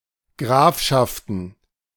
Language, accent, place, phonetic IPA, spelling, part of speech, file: German, Germany, Berlin, [ˈɡʁaːfʃaftn̩], Grafschaften, noun, De-Grafschaften.ogg
- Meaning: plural of Grafschaft